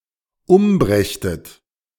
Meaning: second-person plural dependent subjunctive II of umbringen
- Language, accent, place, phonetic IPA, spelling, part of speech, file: German, Germany, Berlin, [ˈʊmˌbʁɛçtət], umbrächtet, verb, De-umbrächtet.ogg